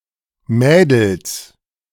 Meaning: 1. plural of Mädel 2. genitive singular of Mädel
- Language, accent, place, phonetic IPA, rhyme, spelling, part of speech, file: German, Germany, Berlin, [ˈmɛːdl̩s], -ɛːdl̩s, Mädels, noun, De-Mädels.ogg